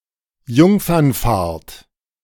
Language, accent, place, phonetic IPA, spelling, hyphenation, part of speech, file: German, Germany, Berlin, [ˈjʊŋfɐnˌfaːɐ̯t], Jungfernfahrt, Jung‧fern‧fahrt, noun, De-Jungfernfahrt.ogg
- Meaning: maiden voyage